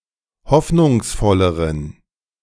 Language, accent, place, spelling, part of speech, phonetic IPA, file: German, Germany, Berlin, hoffnungsvolleren, adjective, [ˈhɔfnʊŋsˌfɔləʁən], De-hoffnungsvolleren.ogg
- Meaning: inflection of hoffnungsvoll: 1. strong genitive masculine/neuter singular comparative degree 2. weak/mixed genitive/dative all-gender singular comparative degree